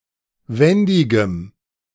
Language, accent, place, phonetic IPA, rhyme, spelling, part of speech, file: German, Germany, Berlin, [ˈvɛndɪɡəm], -ɛndɪɡəm, wendigem, adjective, De-wendigem.ogg
- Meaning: strong dative masculine/neuter singular of wendig